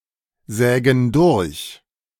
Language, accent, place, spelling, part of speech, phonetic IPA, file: German, Germany, Berlin, sägen durch, verb, [ˌzɛːɡn̩ ˈdʊʁç], De-sägen durch.ogg
- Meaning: inflection of durchsägen: 1. first/third-person plural present 2. first/third-person plural subjunctive I